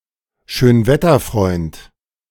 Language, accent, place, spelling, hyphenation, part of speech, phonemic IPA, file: German, Germany, Berlin, Schönwetterfreund, Schön‧wet‧ter‧freund, noun, /ˈʃøːnvɛtɐˌfʁɔɪ̯nt/, De-Schönwetterfreund.ogg
- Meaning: fair-weather friend